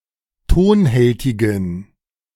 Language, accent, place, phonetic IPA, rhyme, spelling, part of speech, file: German, Germany, Berlin, [ˈtoːnˌhɛltɪɡn̩], -oːnhɛltɪɡn̩, tonhältigen, adjective, De-tonhältigen.ogg
- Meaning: inflection of tonhältig: 1. strong genitive masculine/neuter singular 2. weak/mixed genitive/dative all-gender singular 3. strong/weak/mixed accusative masculine singular 4. strong dative plural